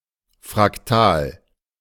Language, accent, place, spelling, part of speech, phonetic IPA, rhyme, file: German, Germany, Berlin, Fraktal, noun, [fʁakˈtaːl], -aːl, De-Fraktal.ogg
- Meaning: fractal